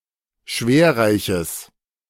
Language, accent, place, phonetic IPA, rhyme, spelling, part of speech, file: German, Germany, Berlin, [ˈʃveːɐ̯ˌʁaɪ̯çəs], -eːɐ̯ʁaɪ̯çəs, schwerreiches, adjective, De-schwerreiches.ogg
- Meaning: strong/mixed nominative/accusative neuter singular of schwerreich